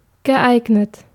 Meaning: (verb) past participle of eignen; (adjective) 1. suitable, appropriate 2. convenient
- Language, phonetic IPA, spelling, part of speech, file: German, [ɡəˈʔaɪ̯ɡnət], geeignet, adjective / verb, De-geeignet.ogg